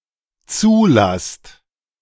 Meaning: second-person plural dependent present of zulassen
- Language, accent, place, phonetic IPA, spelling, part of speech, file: German, Germany, Berlin, [ˈt͡suːˌlast], zulasst, verb, De-zulasst.ogg